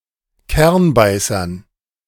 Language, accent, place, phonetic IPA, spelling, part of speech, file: German, Germany, Berlin, [ˈkɛʁnˌbaɪ̯sɐn], Kernbeißern, noun, De-Kernbeißern.ogg
- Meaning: dative plural of Kernbeißer